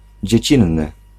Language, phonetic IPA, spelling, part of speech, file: Polish, [d͡ʑɛ̇ˈt͡ɕĩnːɨ], dziecinny, adjective, Pl-dziecinny.ogg